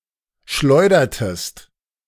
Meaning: inflection of schleudern: 1. second-person singular preterite 2. second-person singular subjunctive II
- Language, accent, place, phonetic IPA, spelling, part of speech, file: German, Germany, Berlin, [ˈʃlɔɪ̯dɐtəst], schleudertest, verb, De-schleudertest.ogg